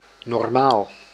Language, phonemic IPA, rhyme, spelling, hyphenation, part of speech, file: Dutch, /nɔrˈmaːl/, -aːl, normaal, nor‧maal, adjective / adverb / noun, Nl-normaal.ogg
- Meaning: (adjective) 1. normal, usual, in accordance with what is common 2. normal, perpendicular; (adverb) normally, usually; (noun) normal (line or vector perpendicular to another element)